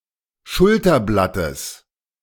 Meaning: genitive singular of Schulterblatt
- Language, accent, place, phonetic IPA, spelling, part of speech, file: German, Germany, Berlin, [ˈʃʊltɐˌblatəs], Schulterblattes, noun, De-Schulterblattes.ogg